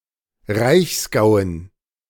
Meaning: dative plural of Reichsgau
- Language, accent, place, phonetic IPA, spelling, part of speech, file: German, Germany, Berlin, [ˈʁaɪ̯çsˌɡaʊ̯ən], Reichsgauen, noun, De-Reichsgauen.ogg